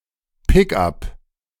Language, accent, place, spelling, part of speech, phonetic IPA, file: German, Germany, Berlin, Pickup, noun, [ˈpɪkˌʔap], De-Pickup.ogg
- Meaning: a car with a loading space; pickup truck